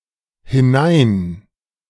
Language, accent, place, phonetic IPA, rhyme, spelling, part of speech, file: German, Germany, Berlin, [hɪˈnaɪ̯n], -aɪ̯n, hinein, adverb, De-hinein.ogg
- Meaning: in (away from the speaker)